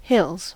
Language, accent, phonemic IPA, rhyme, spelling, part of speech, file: English, US, /hɪlz/, -ɪlz, hills, noun / verb, En-us-hills.ogg
- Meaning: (noun) 1. plural of hill 2. A region in which there are many hills; a hilly area; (verb) third-person singular simple present indicative of hill